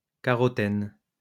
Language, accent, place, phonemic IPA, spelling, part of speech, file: French, France, Lyon, /ka.ʁɔ.tɛn/, carotène, noun, LL-Q150 (fra)-carotène.wav
- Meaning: carotene